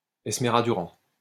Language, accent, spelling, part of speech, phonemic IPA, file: French, France, estrémaduran, noun, /ɛs.tʁe.ma.du.ʁɑ̃/, LL-Q150 (fra)-estrémaduran.wav
- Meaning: Extremaduran (the language of Extremadura)